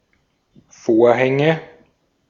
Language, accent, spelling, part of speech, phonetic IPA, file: German, Austria, Vorhänge, noun, [ˈfoːɐ̯hɛŋə], De-at-Vorhänge.ogg
- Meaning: nominative/accusative/genitive plural of Vorhang